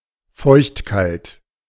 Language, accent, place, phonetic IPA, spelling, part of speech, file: German, Germany, Berlin, [ˈfɔɪ̯çtˌkalt], feuchtkalt, adjective, De-feuchtkalt.ogg
- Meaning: clammy (damp and cold)